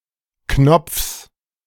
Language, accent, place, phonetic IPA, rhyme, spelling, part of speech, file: German, Germany, Berlin, [knɔp͡fs], -ɔp͡fs, Knopfs, noun, De-Knopfs.ogg
- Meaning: genitive singular of Knopf